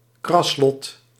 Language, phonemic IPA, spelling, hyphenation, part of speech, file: Dutch, /ˈkrɑs.lɔt/, kraslot, kras‧lot, noun, Nl-kraslot.ogg
- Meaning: scratch card